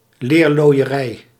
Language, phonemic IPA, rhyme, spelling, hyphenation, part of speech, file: Dutch, /ˌleːr.loːi̯.əˈrɛi̯/, -ɛi̯, leerlooierij, leer‧looi‧e‧rij, noun, Nl-leerlooierij.ogg
- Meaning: 1. tanning, process of treating hides with tan 2. a tanning business, a tanner's workshop